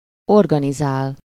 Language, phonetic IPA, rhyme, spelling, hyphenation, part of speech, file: Hungarian, [ˈorɡɒnizaːl], -aːl, organizál, or‧ga‧ni‧zál, verb, Hu-organizál.ogg
- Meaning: to organize